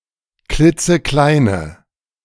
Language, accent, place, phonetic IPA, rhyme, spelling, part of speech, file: German, Germany, Berlin, [ˈklɪt͡səˈklaɪ̯nə], -aɪ̯nə, klitzekleine, adjective, De-klitzekleine.ogg
- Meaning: inflection of klitzeklein: 1. strong/mixed nominative/accusative feminine singular 2. strong nominative/accusative plural 3. weak nominative all-gender singular